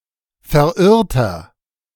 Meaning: inflection of verirrt: 1. strong/mixed nominative masculine singular 2. strong genitive/dative feminine singular 3. strong genitive plural
- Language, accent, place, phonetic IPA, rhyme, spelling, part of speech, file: German, Germany, Berlin, [fɛɐ̯ˈʔɪʁtɐ], -ɪʁtɐ, verirrter, adjective, De-verirrter.ogg